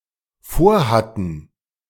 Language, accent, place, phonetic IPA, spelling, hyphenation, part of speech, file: German, Germany, Berlin, [ˈfoːɐ̯ˌhatn̩], vorhatten, vor‧hat‧ten, verb, De-vorhatten.ogg
- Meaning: first/third-person plural dependent preterite of vorhaben